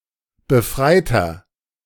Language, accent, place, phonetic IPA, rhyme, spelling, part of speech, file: German, Germany, Berlin, [bəˈfʁaɪ̯tɐ], -aɪ̯tɐ, befreiter, adjective, De-befreiter.ogg
- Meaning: inflection of befreit: 1. strong/mixed nominative masculine singular 2. strong genitive/dative feminine singular 3. strong genitive plural